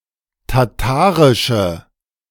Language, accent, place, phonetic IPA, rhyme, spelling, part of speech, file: German, Germany, Berlin, [taˈtaːʁɪʃə], -aːʁɪʃə, tatarische, adjective, De-tatarische.ogg
- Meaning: inflection of tatarisch: 1. strong/mixed nominative/accusative feminine singular 2. strong nominative/accusative plural 3. weak nominative all-gender singular